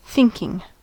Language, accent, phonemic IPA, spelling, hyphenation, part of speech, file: English, US, /ˈθɪŋkɪŋ/, thinking, think‧ing, noun / verb, En-us-thinking.ogg
- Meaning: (noun) 1. The action or process of using one's mind to consider or reason about something 2. A thought; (verb) present participle and gerund of think